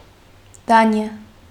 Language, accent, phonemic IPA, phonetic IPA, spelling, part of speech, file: Armenian, Eastern Armenian, /ˈdɑniɑ/, [dɑ́njɑ], Դանիա, proper noun, Hy-Դանիա.ogg
- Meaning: Denmark (a country in Northern Europe)